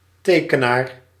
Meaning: drawer (artist who makes drawings), illustrator
- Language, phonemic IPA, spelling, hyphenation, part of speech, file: Dutch, /ˈteː.kəˌnaːr/, tekenaar, te‧ke‧naar, noun, Nl-tekenaar.ogg